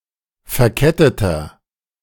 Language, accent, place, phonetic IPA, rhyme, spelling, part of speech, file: German, Germany, Berlin, [fɛɐ̯ˈkɛtətɐ], -ɛtətɐ, verketteter, adjective, De-verketteter.ogg
- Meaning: inflection of verkettet: 1. strong/mixed nominative masculine singular 2. strong genitive/dative feminine singular 3. strong genitive plural